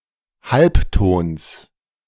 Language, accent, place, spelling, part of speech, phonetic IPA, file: German, Germany, Berlin, Halbtons, noun, [ˈhalpˌtoːns], De-Halbtons.ogg
- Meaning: genitive singular of Halbton